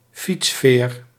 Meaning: bicycle ferry, ferry that transports cyclists (and usually also pedestrians)
- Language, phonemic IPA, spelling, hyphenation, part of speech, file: Dutch, /ˈfits.feːr/, fietsveer, fiets‧veer, noun, Nl-fietsveer.ogg